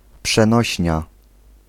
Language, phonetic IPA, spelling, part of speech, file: Polish, [pʃɛ̃ˈnɔɕɲa], przenośnia, noun, Pl-przenośnia.ogg